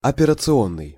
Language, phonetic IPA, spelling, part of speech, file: Russian, [ɐpʲɪrət͡sɨˈonːɨj], операционный, adjective, Ru-операционный.ogg
- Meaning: 1. operating 2. operations